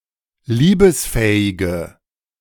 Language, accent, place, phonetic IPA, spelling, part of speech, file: German, Germany, Berlin, [ˈliːbəsˌfɛːɪɡə], liebesfähige, adjective, De-liebesfähige.ogg
- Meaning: inflection of liebesfähig: 1. strong/mixed nominative/accusative feminine singular 2. strong nominative/accusative plural 3. weak nominative all-gender singular